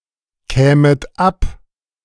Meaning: second-person plural subjunctive II of abkommen
- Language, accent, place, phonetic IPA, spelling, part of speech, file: German, Germany, Berlin, [ˌkɛːmət ˈap], kämet ab, verb, De-kämet ab.ogg